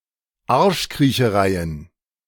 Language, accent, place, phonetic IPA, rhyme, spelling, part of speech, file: German, Germany, Berlin, [ˈaʁʃkʁiːçəˌʁaɪ̯ən], -aɪ̯ən, Arschkriechereien, noun, De-Arschkriechereien.ogg
- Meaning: plural of Arschkriecherei